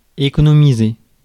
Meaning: to economise (to conserve money)
- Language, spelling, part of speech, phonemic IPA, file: French, économiser, verb, /e.kɔ.nɔ.mi.ze/, Fr-économiser.ogg